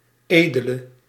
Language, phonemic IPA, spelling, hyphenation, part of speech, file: Dutch, /ˈeː.də.lə/, edele, ede‧le, adjective / noun, Nl-edele.ogg
- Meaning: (adjective) inflection of edel: 1. masculine/feminine singular attributive 2. definite neuter singular attributive 3. plural attributive; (noun) noble, nobleman, aristocrat